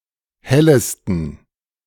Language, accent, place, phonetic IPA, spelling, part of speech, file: German, Germany, Berlin, [ˈhɛləstn̩], hellesten, adjective, De-hellesten.ogg
- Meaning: 1. superlative degree of helle 2. inflection of helle: strong genitive masculine/neuter singular superlative degree